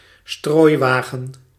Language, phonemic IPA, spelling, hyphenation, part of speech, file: Dutch, /ˈstroːi̯ˌʋaː.ɣə(n)/, strooiwagen, strooi‧wa‧gen, noun, Nl-strooiwagen.ogg
- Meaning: a gritting lorry, a sander, a gritter, a salt truck